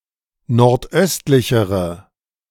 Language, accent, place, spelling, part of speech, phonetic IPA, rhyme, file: German, Germany, Berlin, nordöstlichere, adjective, [nɔʁtˈʔœstlɪçəʁə], -œstlɪçəʁə, De-nordöstlichere.ogg
- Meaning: inflection of nordöstlich: 1. strong/mixed nominative/accusative feminine singular comparative degree 2. strong nominative/accusative plural comparative degree